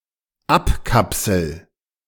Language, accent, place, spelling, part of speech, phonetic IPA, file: German, Germany, Berlin, abkapsel, verb, [ˈapˌkapsl̩], De-abkapsel.ogg
- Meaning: first-person singular dependent present of abkapseln